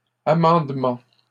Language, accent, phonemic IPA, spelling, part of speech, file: French, Canada, /a.mɑ̃d.mɑ̃/, amendement, noun, LL-Q150 (fra)-amendement.wav
- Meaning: amendment